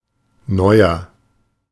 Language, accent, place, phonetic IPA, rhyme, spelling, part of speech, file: German, Germany, Berlin, [ˈnɔɪ̯ɐ], -ɔɪ̯ɐ, neuer, adjective / verb, De-neuer.ogg
- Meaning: 1. comparative degree of neu 2. inflection of neu: strong/mixed nominative masculine singular 3. inflection of neu: strong genitive/dative feminine singular